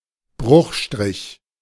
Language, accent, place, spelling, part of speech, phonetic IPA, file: German, Germany, Berlin, Bruchstrich, noun, [ˈbʁʊxˌʃtʁɪç], De-Bruchstrich.ogg
- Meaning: 1. slash 2. fraction slash; fraction bar